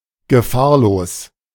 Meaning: 1. safe 2. harmless
- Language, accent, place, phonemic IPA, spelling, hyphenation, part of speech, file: German, Germany, Berlin, /ɡəˈfaːɐ̯loːs/, gefahrlos, ge‧fahr‧los, adjective, De-gefahrlos.ogg